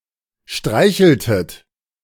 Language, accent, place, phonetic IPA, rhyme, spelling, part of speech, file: German, Germany, Berlin, [ˈʃtʁaɪ̯çl̩tət], -aɪ̯çl̩tət, streicheltet, verb, De-streicheltet.ogg
- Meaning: inflection of streicheln: 1. second-person plural preterite 2. second-person plural subjunctive II